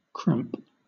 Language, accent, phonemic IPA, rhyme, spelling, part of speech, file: English, Southern England, /kɹæmp/, -æmp, cramp, noun / verb / adjective, LL-Q1860 (eng)-cramp.wav
- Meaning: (noun) 1. A painful contraction of a muscle which cannot be controlled; (sometimes) a similar pain even without noticeable contraction 2. That which confines or contracts